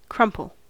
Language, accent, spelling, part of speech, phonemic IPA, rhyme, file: English, US, crumple, noun / verb, /ˈkɹʌmpəl/, -ʌmpəl, En-us-crumple.ogg
- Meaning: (noun) A crease, wrinkle, or irregular fold; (verb) 1. To rumple; to press into wrinkles by crushing together 2. To cause to collapse 3. To become wrinkled 4. To collapse; to surrender